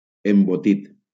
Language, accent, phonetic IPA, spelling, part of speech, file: Catalan, Valencia, [em.boˈtit], embotit, adjective / noun / verb, LL-Q7026 (cat)-embotit.wav
- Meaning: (adjective) stuffed, crammed; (noun) 1. stuffing 2. sausage, encased meat; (verb) past participle of embotir